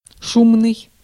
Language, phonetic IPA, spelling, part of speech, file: Russian, [ˈʂumnɨj], шумный, adjective, Ru-шумный.ogg
- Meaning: loud, noisy